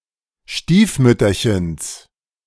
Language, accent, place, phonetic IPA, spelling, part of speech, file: German, Germany, Berlin, [ˈʃtiːfˌmʏtɐçəns], Stiefmütterchens, noun, De-Stiefmütterchens.ogg
- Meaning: genitive singular of Stiefmütterchen